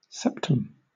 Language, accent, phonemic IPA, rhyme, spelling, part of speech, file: English, Southern England, /ˈsɛp.təm/, -ɛptəm, septum, noun, LL-Q1860 (eng)-septum.wav
- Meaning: A wall separating two cavities; a partition.: Ellipsis of nasal septum (“the cartilaginous center wall of the nose separating the two nostrils”)